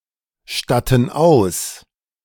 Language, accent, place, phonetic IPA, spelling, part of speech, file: German, Germany, Berlin, [ˌʃtatn̩ ˈaʊ̯s], statten aus, verb, De-statten aus.ogg
- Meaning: inflection of ausstatten: 1. first/third-person plural present 2. first/third-person plural subjunctive I